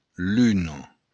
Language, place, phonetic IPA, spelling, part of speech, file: Occitan, Béarn, [ˈlyno], luna, noun, LL-Q14185 (oci)-luna.wav
- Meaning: moon